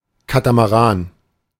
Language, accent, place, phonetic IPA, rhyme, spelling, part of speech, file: German, Germany, Berlin, [ˌkatamaˈʁaːn], -aːn, Katamaran, noun, De-Katamaran.ogg
- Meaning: catamaran (twin-hulled yacht)